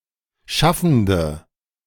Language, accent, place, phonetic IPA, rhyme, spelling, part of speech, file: German, Germany, Berlin, [ˈʃafn̩də], -afn̩də, schaffende, adjective, De-schaffende.ogg
- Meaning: inflection of schaffend: 1. strong/mixed nominative/accusative feminine singular 2. strong nominative/accusative plural 3. weak nominative all-gender singular